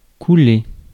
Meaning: 1. to sink 2. to cast (metal); to pour (liquid) 3. to flow, to run; to slip, to skid 4. to shed (i.e. shed blood) 5. to go bankrupt 6. to fail, flunk (a course, test, etc.)
- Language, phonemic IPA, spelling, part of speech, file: French, /ku.le/, couler, verb, Fr-couler.ogg